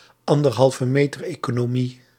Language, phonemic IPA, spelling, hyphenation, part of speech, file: Dutch, /ɑn.dər.ɦɑl.vəˈmeː.tər.eː.koː.noːˌmi/, anderhalvemetereconomie, an‧der‧hal‧ve‧me‧ter‧eco‧no‧mie, noun, Nl-anderhalvemetereconomie.ogg
- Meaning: an economy wherein the participants are able to keep a distance of one and a half meters from each other